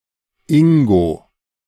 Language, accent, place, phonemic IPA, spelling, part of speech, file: German, Germany, Berlin, /ˈɪŋɡo/, Ingo, proper noun, De-Ingo.ogg
- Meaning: a male given name